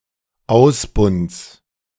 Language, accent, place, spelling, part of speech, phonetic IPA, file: German, Germany, Berlin, Ausbunds, noun, [ˈaʊ̯sˌbʊnts], De-Ausbunds.ogg
- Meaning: genitive singular of Ausbund